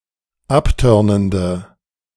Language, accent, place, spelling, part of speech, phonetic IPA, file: German, Germany, Berlin, abtörnende, adjective, [ˈapˌtœʁnəndə], De-abtörnende.ogg
- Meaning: inflection of abtörnend: 1. strong/mixed nominative/accusative feminine singular 2. strong nominative/accusative plural 3. weak nominative all-gender singular